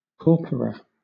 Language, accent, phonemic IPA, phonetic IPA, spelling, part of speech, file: English, Southern England, /ˈkɔːpəɹə/, [ˈkɔːpɹə], corpora, noun, LL-Q1860 (eng)-corpora.wav
- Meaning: plural of corpus